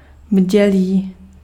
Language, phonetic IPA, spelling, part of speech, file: Czech, [ˈbɟɛliː], bdělý, adjective, Cs-bdělý.ogg
- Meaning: 1. awake 2. alert, vigilant